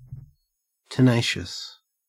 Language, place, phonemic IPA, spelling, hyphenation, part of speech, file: English, Queensland, /təˈnæɪʃəs/, tenacious, tena‧cious, adjective, En-au-tenacious.ogg
- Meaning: 1. Clinging to an object or surface; adhesive 2. Unwilling to yield or give up; dogged 3. Holding together; cohesive 4. Having a good memory; retentive